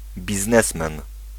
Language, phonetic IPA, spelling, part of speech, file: Polish, [bʲizˈnɛsmɛ̃n], biznesmen, noun, Pl-biznesmen.ogg